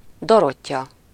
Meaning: a female given name, equivalent to English Dorothy, 'the gift of God'
- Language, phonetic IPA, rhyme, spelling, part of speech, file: Hungarian, [ˈdorocːɒ], -cɒ, Dorottya, proper noun, Hu-Dorottya.ogg